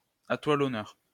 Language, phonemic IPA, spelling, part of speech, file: French, /a twa l‿ɔ.nœʁ/, à toi l'honneur, phrase, LL-Q150 (fra)-à toi l'honneur.wav
- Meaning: after you!